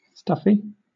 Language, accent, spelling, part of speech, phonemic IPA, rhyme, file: English, Southern England, stuffy, adjective / noun, /ˈstʌfi/, -ʌfi, LL-Q1860 (eng)-stuffy.wav
- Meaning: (adjective) 1. Poorly ventilated; partially plugged 2. Uncomfortably warm without sufficient air circulation 3. Stout; mettlesome; resolute 4. Angry and obstinate; sulky